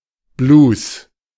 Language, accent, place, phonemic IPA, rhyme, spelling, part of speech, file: German, Germany, Berlin, /bluːs/, -uːs, Blues, noun, De-Blues.ogg
- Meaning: blues (musical form)